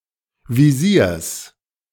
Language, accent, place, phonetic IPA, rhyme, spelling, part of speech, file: German, Germany, Berlin, [viˈziːɐ̯s], -iːɐ̯s, Visiers, noun, De-Visiers.ogg
- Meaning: genitive singular of Visier